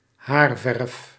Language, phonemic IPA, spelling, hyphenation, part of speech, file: Dutch, /ˈɦaːr.vɛrf/, haarverf, haar‧verf, noun, Nl-haarverf.ogg
- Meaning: a hair dye